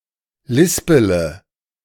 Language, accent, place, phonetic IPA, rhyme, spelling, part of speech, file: German, Germany, Berlin, [ˈlɪspələ], -ɪspələ, lispele, verb, De-lispele.ogg
- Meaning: inflection of lispeln: 1. first-person singular present 2. first-person plural subjunctive I 3. third-person singular subjunctive I 4. singular imperative